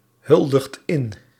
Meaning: inflection of inhuldigen: 1. second/third-person singular present indicative 2. plural imperative
- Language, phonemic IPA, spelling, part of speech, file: Dutch, /ˈhʏldəxt ˈɪn/, huldigt in, verb, Nl-huldigt in.ogg